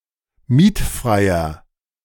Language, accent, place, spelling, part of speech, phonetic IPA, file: German, Germany, Berlin, mietfreier, adjective, [ˈmiːtˌfʁaɪ̯ɐ], De-mietfreier.ogg
- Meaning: inflection of mietfrei: 1. strong/mixed nominative masculine singular 2. strong genitive/dative feminine singular 3. strong genitive plural